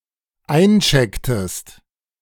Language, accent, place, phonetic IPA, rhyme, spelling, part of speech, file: German, Germany, Berlin, [ˈaɪ̯nˌt͡ʃɛktəst], -aɪ̯nt͡ʃɛktəst, einchecktest, verb, De-einchecktest.ogg
- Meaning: inflection of einchecken: 1. second-person singular dependent preterite 2. second-person singular dependent subjunctive II